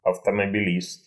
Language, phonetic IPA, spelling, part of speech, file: Russian, [ɐftəməbʲɪˈlʲist], автомобилист, noun, Ru-автомобилист.ogg
- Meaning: motorist